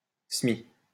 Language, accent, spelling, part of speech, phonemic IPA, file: French, France, semis, noun, /sə.mi/, LL-Q150 (fra)-semis.wav
- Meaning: a technique for planting seeds on a terrain